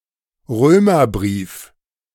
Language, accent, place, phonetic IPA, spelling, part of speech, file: German, Germany, Berlin, [ˈʁøːmɐˌbʁiːf], Römerbrief, noun, De-Römerbrief.ogg
- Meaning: the Epistle to the Romans